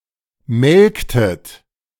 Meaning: inflection of melken: 1. second-person plural preterite 2. second-person plural subjunctive II
- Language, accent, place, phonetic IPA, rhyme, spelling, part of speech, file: German, Germany, Berlin, [ˈmɛlktət], -ɛlktət, melktet, verb, De-melktet.ogg